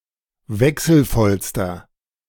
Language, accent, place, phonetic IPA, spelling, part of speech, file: German, Germany, Berlin, [ˈvɛksl̩ˌfɔlstɐ], wechselvollster, adjective, De-wechselvollster.ogg
- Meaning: inflection of wechselvoll: 1. strong/mixed nominative masculine singular superlative degree 2. strong genitive/dative feminine singular superlative degree 3. strong genitive plural superlative degree